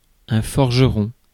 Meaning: blacksmith
- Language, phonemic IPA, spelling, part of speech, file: French, /fɔʁ.ʒə.ʁɔ̃/, forgeron, noun, Fr-forgeron.ogg